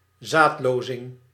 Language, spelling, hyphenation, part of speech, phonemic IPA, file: Dutch, zaadlozing, zaad‧lo‧zing, noun, /ˈzaːtˌloː.zɪŋ/, Nl-zaadlozing.ogg
- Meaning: ejaculation